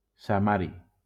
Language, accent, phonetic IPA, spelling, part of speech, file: Catalan, Valencia, [saˈma.ɾi], samari, noun, LL-Q7026 (cat)-samari.wav
- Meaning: samarium